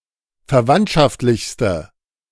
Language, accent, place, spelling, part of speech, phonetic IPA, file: German, Germany, Berlin, verwandtschaftlichste, adjective, [fɛɐ̯ˈvantʃaftlɪçstə], De-verwandtschaftlichste.ogg
- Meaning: inflection of verwandtschaftlich: 1. strong/mixed nominative/accusative feminine singular superlative degree 2. strong nominative/accusative plural superlative degree